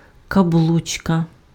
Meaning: ring (accessory worn on finger)
- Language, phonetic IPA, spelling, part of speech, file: Ukrainian, [kɐˈbɫut͡ʃkɐ], каблучка, noun, Uk-каблучка.ogg